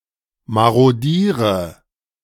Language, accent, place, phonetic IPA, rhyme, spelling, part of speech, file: German, Germany, Berlin, [ˌmaʁoˈdiːʁə], -iːʁə, marodiere, verb, De-marodiere.ogg
- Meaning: inflection of marodieren: 1. first-person singular present 2. first/third-person singular subjunctive I 3. singular imperative